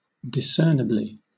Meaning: In a discernible manner
- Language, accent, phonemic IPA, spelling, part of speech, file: English, Southern England, /dɪˈsɜː(ɹ)nɪbli/, discernibly, adverb, LL-Q1860 (eng)-discernibly.wav